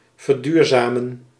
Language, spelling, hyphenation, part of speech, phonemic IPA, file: Dutch, verduurzamen, ver‧duur‧za‧men, verb, /vərˈdyːrˌzaː.mə(n)/, Nl-verduurzamen.ogg
- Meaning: 1. to cure, to preserve 2. to make sustainable, to green 3. to become sustainable